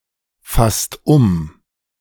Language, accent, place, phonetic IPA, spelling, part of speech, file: German, Germany, Berlin, [ˌfast ˈʊm], fasst um, verb, De-fasst um.ogg
- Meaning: inflection of umfassen: 1. second-person singular/plural present 2. third-person singular present 3. plural imperative